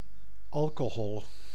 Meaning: 1. alcohol (class of compounds) 2. alcohol (ethanol specifically) 3. alcoholic beverages, collectively
- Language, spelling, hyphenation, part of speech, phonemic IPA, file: Dutch, alcohol, al‧co‧hol, noun, /ˈɑl.koːˌɦɔl/, Nl-alcohol.ogg